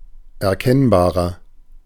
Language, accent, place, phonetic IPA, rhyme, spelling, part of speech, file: German, Germany, Berlin, [ɛɐ̯ˈkɛnbaːʁɐ], -ɛnbaːʁɐ, erkennbarer, adjective, De-erkennbarer.ogg
- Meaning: inflection of erkennbar: 1. strong/mixed nominative masculine singular 2. strong genitive/dative feminine singular 3. strong genitive plural